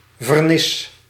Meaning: varnish
- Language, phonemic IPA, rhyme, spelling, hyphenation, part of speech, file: Dutch, /vərˈnɪs/, -ɪs, vernis, ver‧nis, noun, Nl-vernis.ogg